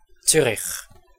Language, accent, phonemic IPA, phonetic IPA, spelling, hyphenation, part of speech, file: German, Switzerland, /ˈtsʏrɪç/, [ˈt͡sy.riχ], Zürich, Zü‧rich, proper noun, De-Zürich.ogg
- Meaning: 1. Zurich (the capital city of Zurich canton, Switzerland) 2. Zurich (a canton of Switzerland)